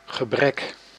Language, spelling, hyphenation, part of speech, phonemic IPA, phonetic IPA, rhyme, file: Dutch, gebrek, ge‧brek, noun, /ɣəˈbrɛk/, [χəˈbrɛk], -ɛk, Nl-gebrek.ogg
- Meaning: 1. lack (deficiency, need) 2. deficiency